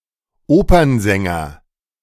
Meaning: opera singer (male)
- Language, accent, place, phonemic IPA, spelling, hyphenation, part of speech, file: German, Germany, Berlin, /ˈoːpɐnzɛŋɐ/, Opernsänger, Opern‧sän‧ger, noun, De-Opernsänger.ogg